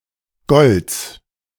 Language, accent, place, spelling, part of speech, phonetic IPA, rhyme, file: German, Germany, Berlin, Gols, proper noun, [ɡɔls], -ɔls, De-Gols.ogg
- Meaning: a municipality of Burgenland, Austria